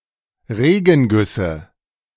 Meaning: nominative/accusative/genitive plural of Regenguss
- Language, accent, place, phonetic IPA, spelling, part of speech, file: German, Germany, Berlin, [ˈʁeːɡn̩ˌɡʏsə], Regengüsse, noun, De-Regengüsse.ogg